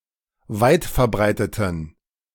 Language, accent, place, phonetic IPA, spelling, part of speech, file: German, Germany, Berlin, [ˈvaɪ̯tfɛɐ̯ˌbʁaɪ̯tətn̩], weitverbreiteten, adjective, De-weitverbreiteten.ogg
- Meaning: inflection of weitverbreitet: 1. strong genitive masculine/neuter singular 2. weak/mixed genitive/dative all-gender singular 3. strong/weak/mixed accusative masculine singular 4. strong dative plural